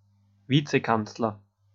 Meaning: vice-chancellor
- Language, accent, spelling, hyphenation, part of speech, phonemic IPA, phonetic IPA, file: German, Austria, Vizekanzler, Vi‧ze‧kanz‧ler, noun, /ˈviːt͡səˌkant͡slɐ/, [ˈfiːt͡səˌkant͡slɐ], De-at-Vizekanzler.ogg